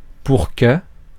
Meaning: 1. so that, in order that 2. too much...for...to(introduces an impossibility caused by the excess)
- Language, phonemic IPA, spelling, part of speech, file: French, /puʁ kə/, pour que, conjunction, Fr-pour que.ogg